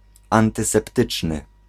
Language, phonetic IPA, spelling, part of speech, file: Polish, [ˌãntɨsɛpˈtɨt͡ʃnɨ], antyseptyczny, adjective, Pl-antyseptyczny.ogg